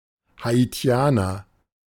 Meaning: Haitian (man from Haiti)
- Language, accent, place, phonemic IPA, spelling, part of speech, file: German, Germany, Berlin, /haiˈti̯aːnɐ/, Haitianer, noun, De-Haitianer.ogg